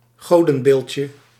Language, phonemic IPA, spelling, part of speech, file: Dutch, /ˈɣodə(n)ˌbelcə/, godenbeeldje, noun, Nl-godenbeeldje.ogg
- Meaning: diminutive of godenbeeld